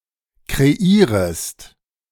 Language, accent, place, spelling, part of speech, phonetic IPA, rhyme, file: German, Germany, Berlin, kreierest, verb, [kʁeˈiːʁəst], -iːʁəst, De-kreierest.ogg
- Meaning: second-person singular subjunctive I of kreieren